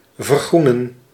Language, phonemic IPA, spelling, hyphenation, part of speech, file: Dutch, /vərˈɣru.nə(n)/, vergroenen, ver‧groe‧nen, verb, Nl-vergroenen.ogg
- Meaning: 1. to green, to become or make more sustainable 2. to green (colour), to make or to become green